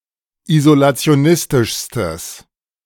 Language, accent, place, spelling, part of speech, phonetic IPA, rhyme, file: German, Germany, Berlin, isolationistischstes, adjective, [izolat͡si̯oˈnɪstɪʃstəs], -ɪstɪʃstəs, De-isolationistischstes.ogg
- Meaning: strong/mixed nominative/accusative neuter singular superlative degree of isolationistisch